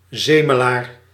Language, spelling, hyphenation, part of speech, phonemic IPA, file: Dutch, zemelaar, ze‧me‧laar, noun, /ˈzeː.məˌlaːr/, Nl-zemelaar.ogg
- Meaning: curmudgeon, whiner